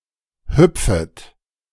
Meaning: second-person plural subjunctive I of hüpfen
- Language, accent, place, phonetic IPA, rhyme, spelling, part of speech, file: German, Germany, Berlin, [ˈhʏp͡fət], -ʏp͡fət, hüpfet, verb, De-hüpfet.ogg